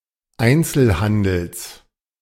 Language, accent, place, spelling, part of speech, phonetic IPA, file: German, Germany, Berlin, Einzelhandels, noun, [ˈaɪ̯nt͡sl̩ˌhandl̩s], De-Einzelhandels.ogg
- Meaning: genitive singular of Einzelhandel